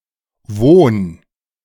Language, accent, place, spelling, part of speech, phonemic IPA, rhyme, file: German, Germany, Berlin, wohn, verb, /voːn/, -oːn, De-wohn.ogg
- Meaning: 1. singular imperative of wohnen 2. first-person singular present of wohnen